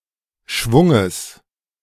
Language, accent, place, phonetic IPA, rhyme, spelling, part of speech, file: German, Germany, Berlin, [ˈʃvʊŋəs], -ʊŋəs, Schwunges, noun, De-Schwunges.ogg
- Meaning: genitive singular of Schwung